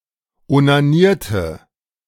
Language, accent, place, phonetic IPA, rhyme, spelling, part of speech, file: German, Germany, Berlin, [onaˈniːɐ̯tə], -iːɐ̯tə, onanierte, verb, De-onanierte.ogg
- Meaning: inflection of onanieren: 1. first/third-person singular preterite 2. first/third-person singular subjunctive II